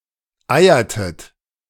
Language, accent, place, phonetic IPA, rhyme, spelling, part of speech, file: German, Germany, Berlin, [ˈaɪ̯ɐtət], -aɪ̯ɐtət, eiertet, verb, De-eiertet.ogg
- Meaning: inflection of eiern: 1. second-person plural preterite 2. second-person plural subjunctive II